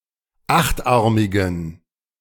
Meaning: inflection of achtarmig: 1. strong genitive masculine/neuter singular 2. weak/mixed genitive/dative all-gender singular 3. strong/weak/mixed accusative masculine singular 4. strong dative plural
- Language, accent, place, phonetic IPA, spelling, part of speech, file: German, Germany, Berlin, [ˈaxtˌʔaʁmɪɡn̩], achtarmigen, adjective, De-achtarmigen.ogg